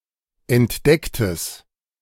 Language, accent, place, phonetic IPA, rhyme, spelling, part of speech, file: German, Germany, Berlin, [ɛntˈdɛktəs], -ɛktəs, entdecktes, adjective, De-entdecktes.ogg
- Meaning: strong/mixed nominative/accusative neuter singular of entdeckt